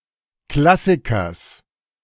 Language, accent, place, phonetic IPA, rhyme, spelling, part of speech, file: German, Germany, Berlin, [ˈklasɪkɐs], -asɪkɐs, Klassikers, noun, De-Klassikers.ogg
- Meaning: genitive singular of Klassiker